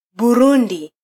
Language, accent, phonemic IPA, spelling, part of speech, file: Swahili, Kenya, /ɓuˈɾu.ⁿdi/, Burundi, proper noun, Sw-ke-Burundi.flac
- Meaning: Burundi (a country in East Africa)